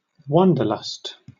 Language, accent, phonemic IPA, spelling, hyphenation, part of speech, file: English, Southern England, /ˈwɒndəlʌst/, wanderlust, wan‧der‧lust, noun / verb, LL-Q1860 (eng)-wanderlust.wav
- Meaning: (noun) 1. A strong impulse or longing to travel 2. An impulse to be unfaithful or seek out other romantic or sexual partners; a straying heart; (verb) To feel a strong impulse or longing to travel